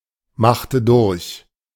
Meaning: inflection of durchmachen: 1. first/third-person singular preterite 2. first/third-person singular subjunctive II
- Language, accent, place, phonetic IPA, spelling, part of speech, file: German, Germany, Berlin, [ˌmaxtə ˈdʊʁç], machte durch, verb, De-machte durch.ogg